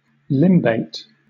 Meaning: Having a distinct edge, especially one of a different colour; bordered
- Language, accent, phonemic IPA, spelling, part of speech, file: English, Southern England, /ˈlɪm.beɪt/, limbate, adjective, LL-Q1860 (eng)-limbate.wav